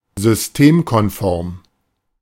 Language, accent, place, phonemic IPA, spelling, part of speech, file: German, Germany, Berlin, /zʏsˈteːmkɔnˌfɔʁm/, systemkonform, adjective, De-systemkonform.ogg
- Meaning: compliant with an existing order